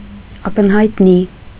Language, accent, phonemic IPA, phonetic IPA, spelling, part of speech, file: Armenian, Eastern Armenian, /ɑkənhɑjtˈni/, [ɑkənhɑjtní], ակնհայտնի, adjective / adverb, Hy-ակնհայտնի.ogg
- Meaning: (adjective) obvious, apparent, clear; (adverb) obviously, apparently, clearly